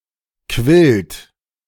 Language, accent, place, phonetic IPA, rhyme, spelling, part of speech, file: German, Germany, Berlin, [kvɪlt], -ɪlt, quillt, verb, De-quillt.ogg
- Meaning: third-person singular present of quellen